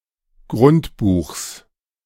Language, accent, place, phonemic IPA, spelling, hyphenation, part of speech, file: German, Germany, Berlin, /ɡʁʊntˈbuːxs/, Grundbuchs, Grund‧buchs, noun, De-Grundbuchs.ogg
- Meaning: genitive singular of Grundbuch